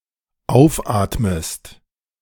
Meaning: inflection of aufatmen: 1. second-person singular dependent present 2. second-person singular dependent subjunctive I
- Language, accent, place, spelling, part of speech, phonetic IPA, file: German, Germany, Berlin, aufatmest, verb, [ˈaʊ̯fˌʔaːtməst], De-aufatmest.ogg